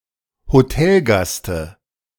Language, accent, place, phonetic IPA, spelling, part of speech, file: German, Germany, Berlin, [hoˈtɛlˌɡastə], Hotelgaste, noun, De-Hotelgaste.ogg
- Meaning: dative singular of Hotelgast